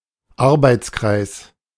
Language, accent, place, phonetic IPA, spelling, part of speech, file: German, Germany, Berlin, [ˈaʁbaɪ̯t͡sˌkʁaɪ̯s], Arbeitskreis, noun, De-Arbeitskreis.ogg
- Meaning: workgroup, working party